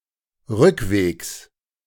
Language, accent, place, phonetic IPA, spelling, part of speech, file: German, Germany, Berlin, [ˈʁʏkˌveːks], Rückwegs, noun, De-Rückwegs.ogg
- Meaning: genitive singular of Rückweg